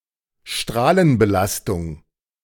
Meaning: radiation exposure
- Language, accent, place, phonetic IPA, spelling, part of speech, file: German, Germany, Berlin, [ˈʃtʁaːlənbəˌlastʊŋ], Strahlenbelastung, noun, De-Strahlenbelastung.ogg